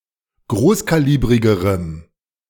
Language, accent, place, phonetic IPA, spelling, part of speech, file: German, Germany, Berlin, [ˈɡʁoːskaˌliːbʁɪɡəʁəm], großkalibrigerem, adjective, De-großkalibrigerem.ogg
- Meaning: strong dative masculine/neuter singular comparative degree of großkalibrig